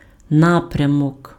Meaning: direction
- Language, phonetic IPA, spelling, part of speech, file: Ukrainian, [ˈnaprʲɐmɔk], напрямок, noun, Uk-напрямок.ogg